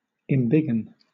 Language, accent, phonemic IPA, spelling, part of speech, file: English, Southern England, /ɪmˈbɪɡən/, embiggen, verb, LL-Q1860 (eng)-embiggen.wav
- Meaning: To enlarge; to make or become bigger